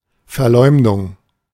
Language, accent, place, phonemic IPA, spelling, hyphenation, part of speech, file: German, Germany, Berlin, /fɛɐ̯ˈlɔɪ̯mdʊŋ/, Verleumdung, Ver‧leum‧dung, noun, De-Verleumdung.ogg
- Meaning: defamation, calumny (act of injuring another's reputation by any slanderous communication)